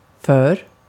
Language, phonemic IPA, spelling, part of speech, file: Swedish, /føːr/, för, adverb / conjunction / noun / preposition / verb, Sv-för.ogg
- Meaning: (adverb) too (to an excessive degree); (conjunction) because, since, as, for; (noun) bow; the front part of a boat or a ship; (preposition) 1. for; during which time 2. for; as 3. for; in exchange for